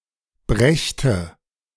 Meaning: first/third-person singular subjunctive II of bringen
- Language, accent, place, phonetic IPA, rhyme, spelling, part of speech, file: German, Germany, Berlin, [ˈbʁɛçtə], -ɛçtə, brächte, verb, De-brächte.ogg